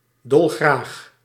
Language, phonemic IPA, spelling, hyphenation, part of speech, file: Dutch, /ˈdɔl.ɣraːx/, dolgraag, dol‧graag, adverb, Nl-dolgraag.ogg
- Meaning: very gladly, eagerly